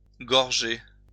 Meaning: to gorge oneself (eat greedily)
- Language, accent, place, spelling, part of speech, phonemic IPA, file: French, France, Lyon, gorger, verb, /ɡɔʁ.ʒe/, LL-Q150 (fra)-gorger.wav